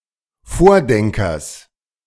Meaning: genitive of Vordenker
- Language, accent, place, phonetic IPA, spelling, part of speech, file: German, Germany, Berlin, [ˈfoːɐ̯ˌdɛŋkɐs], Vordenkers, noun, De-Vordenkers.ogg